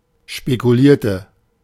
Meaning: inflection of spekulieren: 1. first/third-person singular preterite 2. first/third-person singular subjunctive II
- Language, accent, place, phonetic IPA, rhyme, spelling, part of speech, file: German, Germany, Berlin, [ʃpekuˈliːɐ̯tə], -iːɐ̯tə, spekulierte, adjective / verb, De-spekulierte.ogg